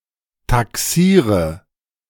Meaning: inflection of taxieren: 1. first-person singular present 2. singular imperative 3. first/third-person singular subjunctive I
- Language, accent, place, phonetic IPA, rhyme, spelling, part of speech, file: German, Germany, Berlin, [taˈksiːʁə], -iːʁə, taxiere, verb, De-taxiere.ogg